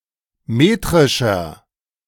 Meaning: inflection of metrisch: 1. strong/mixed nominative masculine singular 2. strong genitive/dative feminine singular 3. strong genitive plural
- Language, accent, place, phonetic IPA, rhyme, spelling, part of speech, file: German, Germany, Berlin, [ˈmeːtʁɪʃɐ], -eːtʁɪʃɐ, metrischer, adjective, De-metrischer.ogg